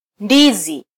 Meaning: banana (fruit)
- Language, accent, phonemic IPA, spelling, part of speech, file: Swahili, Kenya, /ˈⁿdi.zi/, ndizi, noun, Sw-ke-ndizi.flac